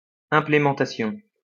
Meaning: implementation
- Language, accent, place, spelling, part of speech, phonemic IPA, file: French, France, Lyon, implémentation, noun, /ɛ̃.ple.mɑ̃.ta.sjɔ̃/, LL-Q150 (fra)-implémentation.wav